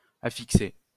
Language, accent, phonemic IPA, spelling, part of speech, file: French, France, /a.fik.se/, affixer, verb, LL-Q150 (fra)-affixer.wav
- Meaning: to affix